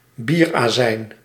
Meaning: beer vinegar, alegar
- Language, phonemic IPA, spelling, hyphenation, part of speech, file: Dutch, /ˈbir.aːˌzɛi̯n/, bierazijn, bier‧azijn, noun, Nl-bierazijn.ogg